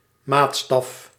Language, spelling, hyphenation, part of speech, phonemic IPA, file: Dutch, maatstaf, maat‧staf, noun, /ˈmaːt.stɑf/, Nl-maatstaf.ogg
- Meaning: 1. measure, rule (solid object used to measure length or distance) 2. standard, criterion